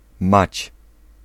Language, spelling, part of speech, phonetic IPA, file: Polish, mać, noun, [mat͡ɕ], Pl-mać.ogg